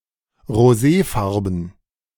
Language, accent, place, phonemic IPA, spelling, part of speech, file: German, Germany, Berlin, /ʁoˈzeːˌfaʁbn̩/, roséfarben, adjective, De-roséfarben.ogg
- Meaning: rosé (pale pink in colour)